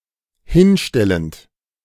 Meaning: present participle of hinstellen
- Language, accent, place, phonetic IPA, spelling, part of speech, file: German, Germany, Berlin, [ˈhɪnˌʃtɛlənt], hinstellend, verb, De-hinstellend.ogg